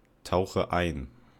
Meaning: inflection of eintauchen: 1. first-person singular present 2. first/third-person singular subjunctive I 3. singular imperative
- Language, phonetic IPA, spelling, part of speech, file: German, [ˌtaʊ̯xə ˈaɪ̯n], tauche ein, verb, De-tauche ein.ogg